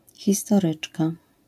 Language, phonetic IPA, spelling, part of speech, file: Polish, [ˌxʲistɔˈrɨt͡ʃka], historyczka, noun, LL-Q809 (pol)-historyczka.wav